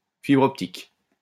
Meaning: optical fiber
- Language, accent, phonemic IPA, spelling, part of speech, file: French, France, /fi.bʁ‿ɔp.tik/, fibre optique, noun, LL-Q150 (fra)-fibre optique.wav